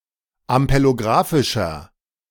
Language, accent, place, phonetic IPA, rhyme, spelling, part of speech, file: German, Germany, Berlin, [ampeloˈɡʁaːfɪʃɐ], -aːfɪʃɐ, ampelografischer, adjective, De-ampelografischer.ogg
- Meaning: inflection of ampelografisch: 1. strong/mixed nominative masculine singular 2. strong genitive/dative feminine singular 3. strong genitive plural